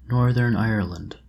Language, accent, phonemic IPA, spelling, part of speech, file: English, US, /ˈnɔː(ɹ)ðə(ɹ)n ˈaiə(ɹ)lənd/, Northern Ireland, proper noun, En-us-Northern Ireland.oga
- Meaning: A constituent country and province of the United Kingdom, situated in the northeastern part of the island of Ireland